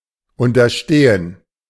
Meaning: 1. [with dative] to be subordinate to 2. to dare, to have the audacity
- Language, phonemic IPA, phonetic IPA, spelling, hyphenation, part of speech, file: German, /ʊntɐˈʃteːən/, [ʊntɐˈʃteːən], unterstehen, un‧ter‧ste‧hen, verb, De-unterstehen.ogg